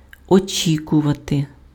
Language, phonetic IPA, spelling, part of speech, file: Ukrainian, [oˈt͡ʃʲikʊʋɐte], очікувати, verb, Uk-очікувати.ogg
- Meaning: 1. to wait for, to await 2. to expect